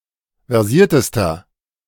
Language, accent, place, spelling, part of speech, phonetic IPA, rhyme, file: German, Germany, Berlin, versiertester, adjective, [vɛʁˈziːɐ̯təstɐ], -iːɐ̯təstɐ, De-versiertester.ogg
- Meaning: inflection of versiert: 1. strong/mixed nominative masculine singular superlative degree 2. strong genitive/dative feminine singular superlative degree 3. strong genitive plural superlative degree